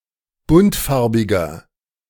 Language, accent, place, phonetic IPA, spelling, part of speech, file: German, Germany, Berlin, [ˈbʊntˌfaʁbɪɡɐ], buntfarbiger, adjective, De-buntfarbiger.ogg
- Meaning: inflection of buntfarbig: 1. strong/mixed nominative masculine singular 2. strong genitive/dative feminine singular 3. strong genitive plural